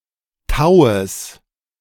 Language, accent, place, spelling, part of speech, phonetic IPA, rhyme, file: German, Germany, Berlin, Taues, noun, [ˈtaʊ̯əs], -aʊ̯əs, De-Taues.ogg
- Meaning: genitive of Tau